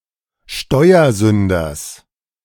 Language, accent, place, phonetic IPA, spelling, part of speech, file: German, Germany, Berlin, [ˈʃtɔɪ̯ɐˌzʏndɐs], Steuersünders, noun, De-Steuersünders.ogg
- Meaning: genitive singular of Steuersünder